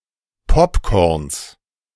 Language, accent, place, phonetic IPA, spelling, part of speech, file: German, Germany, Berlin, [ˈpɔpkɔʁns], Popcorns, noun, De-Popcorns.ogg
- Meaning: genitive singular of Popcorn